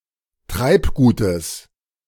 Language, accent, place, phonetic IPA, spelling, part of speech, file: German, Germany, Berlin, [ˈtʁaɪ̯pˌɡuːtəs], Treibgutes, noun, De-Treibgutes.ogg
- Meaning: genitive singular of Treibgut